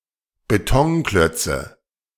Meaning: nominative/accusative/genitive plural of Betonklotz
- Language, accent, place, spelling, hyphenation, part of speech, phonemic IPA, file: German, Germany, Berlin, Betonklötze, Be‧ton‧klöt‧ze, noun, /beˈtɔŋˌklœt͡sə/, De-Betonklötze.ogg